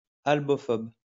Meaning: albophobic
- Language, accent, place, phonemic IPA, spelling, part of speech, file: French, France, Lyon, /al.bɔ.fɔb/, albophobe, adjective, LL-Q150 (fra)-albophobe.wav